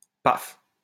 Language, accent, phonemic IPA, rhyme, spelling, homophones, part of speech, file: French, France, /paf/, -af, paf, Paphe, interjection / adjective / noun, LL-Q150 (fra)-paf.wav
- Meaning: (interjection) onomatopoeia for the noise caused by a fall or a blow; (adjective) drunk; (noun) cock, dick